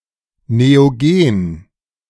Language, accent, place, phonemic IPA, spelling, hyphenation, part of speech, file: German, Germany, Berlin, /neoˈɡeːn/, Neogen, Neo‧gen, proper noun, De-Neogen.ogg
- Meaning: the Neogene (a geologic period; from the end of the Paleogene Period 23.03 million years ago to the beginning of the present Quaternary Period 2.58 million years ago)